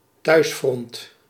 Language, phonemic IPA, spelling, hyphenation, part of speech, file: Dutch, /ˈtœy̯s.frɔnt/, thuisfront, thuis‧front, noun, Nl-thuisfront.ogg
- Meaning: home front